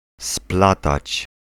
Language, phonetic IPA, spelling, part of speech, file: Polish, [ˈsplatat͡ɕ], splatać, verb, Pl-splatać.ogg